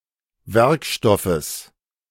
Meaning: genitive singular of Werkstoff
- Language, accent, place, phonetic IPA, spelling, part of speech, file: German, Germany, Berlin, [ˈvɛʁkˌʃtɔfəs], Werkstoffes, noun, De-Werkstoffes.ogg